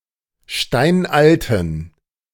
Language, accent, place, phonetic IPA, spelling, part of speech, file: German, Germany, Berlin, [ˈʃtaɪ̯nʔaltn̩], steinalten, adjective, De-steinalten.ogg
- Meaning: inflection of steinalt: 1. strong genitive masculine/neuter singular 2. weak/mixed genitive/dative all-gender singular 3. strong/weak/mixed accusative masculine singular 4. strong dative plural